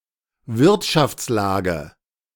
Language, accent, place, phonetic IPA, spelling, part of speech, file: German, Germany, Berlin, [ˈvɪʁtʃaft͡sˌlaːɡə], Wirtschaftslage, noun, De-Wirtschaftslage.ogg
- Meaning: economic situation, economic conditions